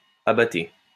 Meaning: alternative spelling of abattée
- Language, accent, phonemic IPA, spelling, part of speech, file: French, France, /a.ba.te/, abatée, noun, LL-Q150 (fra)-abatée.wav